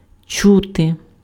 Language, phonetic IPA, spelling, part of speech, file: Ukrainian, [ˈt͡ʃute], чути, verb, Uk-чути.ogg
- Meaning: 1. to hear 2. to feel, to sense 3. to smell